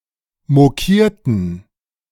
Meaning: inflection of mokieren: 1. first/third-person plural preterite 2. first/third-person plural subjunctive II
- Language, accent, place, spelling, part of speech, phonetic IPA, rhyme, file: German, Germany, Berlin, mokierten, verb, [moˈkiːɐ̯tn̩], -iːɐ̯tn̩, De-mokierten.ogg